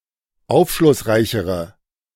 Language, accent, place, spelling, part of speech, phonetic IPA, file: German, Germany, Berlin, aufschlussreichere, adjective, [ˈaʊ̯fʃlʊsˌʁaɪ̯çəʁə], De-aufschlussreichere.ogg
- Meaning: inflection of aufschlussreich: 1. strong/mixed nominative/accusative feminine singular comparative degree 2. strong nominative/accusative plural comparative degree